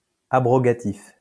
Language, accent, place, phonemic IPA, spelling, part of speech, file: French, France, Lyon, /a.bʁɔ.ɡa.tif/, abrogatif, adjective, LL-Q150 (fra)-abrogatif.wav
- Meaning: abrogative